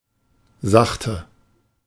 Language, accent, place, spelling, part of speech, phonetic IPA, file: German, Germany, Berlin, sachte, adjective / adverb, [ˈzaχtə], De-sachte.ogg
- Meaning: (adjective) 1. alternative form of sacht 2. inflection of sacht: strong/mixed nominative/accusative feminine singular 3. inflection of sacht: strong nominative/accusative plural